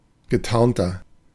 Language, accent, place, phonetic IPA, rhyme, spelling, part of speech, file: German, Germany, Berlin, [ɡəˈtaʁntɐ], -aʁntɐ, getarnter, adjective, De-getarnter.ogg
- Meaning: 1. comparative degree of getarnt 2. inflection of getarnt: strong/mixed nominative masculine singular 3. inflection of getarnt: strong genitive/dative feminine singular